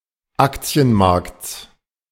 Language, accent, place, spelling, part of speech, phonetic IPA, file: German, Germany, Berlin, Aktienmarkts, noun, [ˈakt͡si̯ənˌmaʁkt͡s], De-Aktienmarkts.ogg
- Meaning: genitive singular of Aktienmarkt